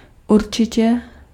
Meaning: surely, definitely
- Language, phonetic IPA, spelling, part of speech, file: Czech, [ˈurt͡ʃɪcɛ], určitě, adverb, Cs-určitě.ogg